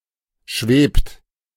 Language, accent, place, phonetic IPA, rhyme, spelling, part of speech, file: German, Germany, Berlin, [ʃveːpt], -eːpt, schwebt, verb, De-schwebt.ogg
- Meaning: inflection of schweben: 1. third-person singular present 2. second-person plural present 3. plural imperative